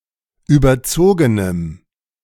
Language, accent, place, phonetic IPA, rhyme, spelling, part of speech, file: German, Germany, Berlin, [ˌyːbɐˈt͡soːɡənəm], -oːɡənəm, überzogenem, adjective, De-überzogenem.ogg
- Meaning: strong dative masculine/neuter singular of überzogen